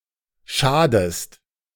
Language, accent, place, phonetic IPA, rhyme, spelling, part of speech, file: German, Germany, Berlin, [ˈʃaːdəst], -aːdəst, schadest, verb, De-schadest.ogg
- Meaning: inflection of schaden: 1. second-person singular present 2. second-person singular subjunctive I